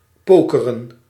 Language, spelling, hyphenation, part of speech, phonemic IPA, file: Dutch, pokeren, po‧ke‧ren, verb, /ˈpoː.kə.rə(n)/, Nl-pokeren.ogg
- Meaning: to play poker